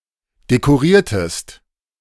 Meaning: inflection of dekorieren: 1. second-person singular preterite 2. second-person singular subjunctive II
- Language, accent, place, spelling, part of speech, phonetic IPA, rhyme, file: German, Germany, Berlin, dekoriertest, verb, [dekoˈʁiːɐ̯təst], -iːɐ̯təst, De-dekoriertest.ogg